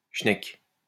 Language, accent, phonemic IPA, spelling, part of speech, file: French, France, /ʃnɛk/, chnek, noun, LL-Q150 (fra)-chnek.wav
- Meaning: 1. vulva, pussy 2. young woman; slut